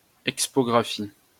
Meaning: expography
- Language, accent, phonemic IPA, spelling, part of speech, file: French, France, /ɛk.spɔ.ɡʁa.fi/, expographie, noun, LL-Q150 (fra)-expographie.wav